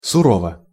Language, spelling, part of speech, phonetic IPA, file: Russian, сурово, adverb / adjective, [sʊˈrovə], Ru-сурово.ogg
- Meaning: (adverb) hard, harshly; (adjective) short neuter singular of суро́вый (suróvyj)